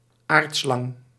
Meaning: 1. a terrestrial snake, as opposed to aquatic, and sometimes arboreal snakes 2. a snake that represents earth, as opposed to other parts or elements of the cosmos
- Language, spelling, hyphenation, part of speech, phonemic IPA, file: Dutch, aardslang, aard‧slang, noun, /ˈaːrt.slɑŋ/, Nl-aardslang.ogg